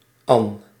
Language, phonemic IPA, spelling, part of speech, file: Dutch, /ɑn/, an-, prefix, Nl-an-.ogg
- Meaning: an-: Not, without, opposite of